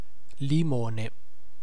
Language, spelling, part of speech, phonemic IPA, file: Italian, limone, adjective / noun, /liˈmone/, It-limone.ogg